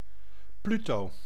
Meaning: 1. Pluto (god of the underworld) 2. Pluto (dwarf planet, former planet)
- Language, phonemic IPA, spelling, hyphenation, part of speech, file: Dutch, /ˈply.toː/, Pluto, Plu‧to, proper noun, Nl-Pluto.ogg